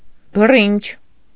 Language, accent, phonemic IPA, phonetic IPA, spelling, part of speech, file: Armenian, Eastern Armenian, /bəˈrint͡ʃʰ/, [bərínt͡ʃʰ], բռինչ, noun, Hy-բռինչ.ogg
- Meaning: 1. hackberry, the fruit of the nettle tree (Celtis spp.) 2. the fruit of the guelder rose (Viburnum opulus)